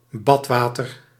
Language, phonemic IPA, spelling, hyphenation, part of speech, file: Dutch, /ˈbɑtˌʋaː.tər/, badwater, bad‧wa‧ter, noun, Nl-badwater.ogg
- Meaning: bathwater